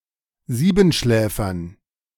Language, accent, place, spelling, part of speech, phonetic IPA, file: German, Germany, Berlin, Siebenschläfern, noun, [ˈziːbn̩ˌʃlɛːfɐn], De-Siebenschläfern.ogg
- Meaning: dative plural of Siebenschläfer